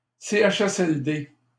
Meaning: CHSLD; initialism of centre d'hébergement et de soins de longue durée (“long-term care and housing center”)
- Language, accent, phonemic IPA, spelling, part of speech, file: French, Canada, /se.aʃ.ɛs.ɛl.de/, CHSLD, noun, LL-Q150 (fra)-CHSLD.wav